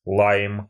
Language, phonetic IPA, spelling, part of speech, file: Russian, [ɫajm], лайм, noun, Ru-лайм.ogg
- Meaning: 1. lime (a green citrus fruit) 2. lime colour/color 3. genitive plural of ла́йма (lájma)